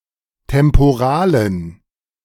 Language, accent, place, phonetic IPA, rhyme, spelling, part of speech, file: German, Germany, Berlin, [tɛmpoˈʁaːlən], -aːlən, temporalen, adjective, De-temporalen.ogg
- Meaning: inflection of temporal: 1. strong genitive masculine/neuter singular 2. weak/mixed genitive/dative all-gender singular 3. strong/weak/mixed accusative masculine singular 4. strong dative plural